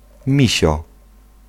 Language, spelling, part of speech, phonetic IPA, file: Polish, misio, noun, [ˈmʲiɕɔ], Pl-misio.ogg